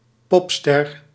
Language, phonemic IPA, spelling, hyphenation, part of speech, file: Dutch, /ˈpɔp.stɛr/, popster, pop‧ster, noun, Nl-popster.ogg
- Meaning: pop star